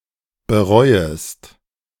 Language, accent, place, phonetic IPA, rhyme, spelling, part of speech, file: German, Germany, Berlin, [bəˈʁɔɪ̯əst], -ɔɪ̯əst, bereuest, verb, De-bereuest.ogg
- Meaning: second-person singular subjunctive I of bereuen